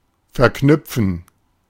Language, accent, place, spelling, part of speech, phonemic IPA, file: German, Germany, Berlin, verknüpfen, verb, /fɛɐ̯ˈknʏpfn̩/, De-verknüpfen.ogg
- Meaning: to combine